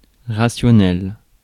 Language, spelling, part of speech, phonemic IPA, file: French, rationnel, adjective, /ʁa.sjɔ.nɛl/, Fr-rationnel.ogg
- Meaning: 1. rational; reasonable 2. rational (of a number, capable of being expressed as the ratio of two integers)